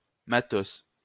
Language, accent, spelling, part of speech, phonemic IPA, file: French, France, matos, noun, /ma.tos/, LL-Q150 (fra)-matos.wav
- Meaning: 1. gear, stuff 2. hashish 3. junk, genitalia 4. cunt, woman